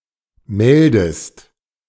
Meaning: inflection of melden: 1. second-person singular present 2. second-person singular subjunctive I
- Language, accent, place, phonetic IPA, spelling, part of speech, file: German, Germany, Berlin, [ˈmɛldəst], meldest, verb, De-meldest.ogg